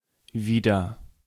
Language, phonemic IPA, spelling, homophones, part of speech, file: German, /ˈviːdɐ/, wieder, wider, adverb, De-wieder.ogg
- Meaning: 1. again; indicates that the action taking place has happened before 2. back; indicates that the action will return something to its original state or position